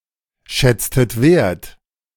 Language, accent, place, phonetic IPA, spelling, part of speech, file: German, Germany, Berlin, [ˌʃɛt͡stət ˈaɪ̯n], schätztet ein, verb, De-schätztet ein.ogg
- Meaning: inflection of einschätzen: 1. second-person plural preterite 2. second-person plural subjunctive II